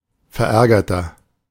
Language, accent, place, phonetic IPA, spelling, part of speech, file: German, Germany, Berlin, [fɛɐ̯ˈʔɛʁɡɐtɐ], verärgerter, adjective, De-verärgerter.ogg
- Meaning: inflection of verärgert: 1. strong/mixed nominative masculine singular 2. strong genitive/dative feminine singular 3. strong genitive plural